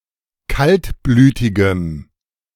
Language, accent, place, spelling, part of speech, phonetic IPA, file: German, Germany, Berlin, kaltblütigem, adjective, [ˈkaltˌblyːtɪɡəm], De-kaltblütigem.ogg
- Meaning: strong dative masculine/neuter singular of kaltblütig